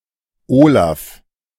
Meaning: a male given name from Old Norse
- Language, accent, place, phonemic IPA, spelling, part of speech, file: German, Germany, Berlin, /ˈoːlaf/, Olaf, proper noun, De-Olaf.ogg